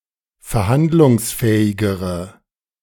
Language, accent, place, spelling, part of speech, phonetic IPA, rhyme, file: German, Germany, Berlin, verhandlungsfähigere, adjective, [fɛɐ̯ˈhandlʊŋsˌfɛːɪɡəʁə], -andlʊŋsfɛːɪɡəʁə, De-verhandlungsfähigere.ogg
- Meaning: inflection of verhandlungsfähig: 1. strong/mixed nominative/accusative feminine singular comparative degree 2. strong nominative/accusative plural comparative degree